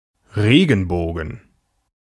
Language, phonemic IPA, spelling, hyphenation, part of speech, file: German, /ˈʁeːɡənˌboːɡən/, Regenbogen, Re‧gen‧bo‧gen, noun, De-Regenbogen.ogg
- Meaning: rainbow